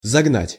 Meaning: 1. to drive into 2. to hammer into 3. to herd into 4. to sell, to flog 5. to exhaust, to fatigue; to drive to exhaustion, to drive too hard (a horse)
- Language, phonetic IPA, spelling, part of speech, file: Russian, [zɐɡˈnatʲ], загнать, verb, Ru-загнать.ogg